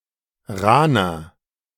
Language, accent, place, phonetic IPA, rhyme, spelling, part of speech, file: German, Germany, Berlin, [ˈʁaːnɐ], -aːnɐ, rahner, adjective, De-rahner.ogg
- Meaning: 1. comparative degree of rahn 2. inflection of rahn: strong/mixed nominative masculine singular 3. inflection of rahn: strong genitive/dative feminine singular